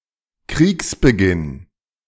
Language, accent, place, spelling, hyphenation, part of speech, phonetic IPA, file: German, Germany, Berlin, Kriegsbeginn, Kriegs‧be‧ginn, noun, [ˈkʁiːksbəˌɡɪn], De-Kriegsbeginn.ogg
- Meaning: start of the war